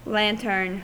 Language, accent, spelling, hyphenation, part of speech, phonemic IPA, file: English, US, lantern, lan‧tern, noun / verb / adjective, /ˈlæ̝ntɚn/, En-us-lantern.ogg
- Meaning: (noun) A case of translucent or transparent material made to protect a flame, or light, used to illuminate its surroundings